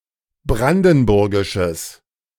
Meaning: strong/mixed nominative/accusative neuter singular of brandenburgisch
- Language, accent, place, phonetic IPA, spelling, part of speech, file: German, Germany, Berlin, [ˈbʁandn̩ˌbʊʁɡɪʃəs], brandenburgisches, adjective, De-brandenburgisches.ogg